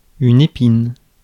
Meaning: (noun) 1. thorn; spine; prickle 2. an aperitif made from blackthorn berries; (verb) inflection of épiner: first/third-person singular present indicative/subjunctive
- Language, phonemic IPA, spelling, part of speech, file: French, /e.pin/, épine, noun / verb, Fr-épine.ogg